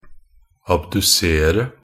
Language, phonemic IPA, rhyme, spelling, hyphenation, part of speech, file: Norwegian Bokmål, /abdʉˈseːrə/, -eːrə, abdusere, ab‧du‧se‧re, verb, Nb-abdusere.ogg
- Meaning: to abduce or abduct (to draw away, as a limb or other part, from the median axis of the body)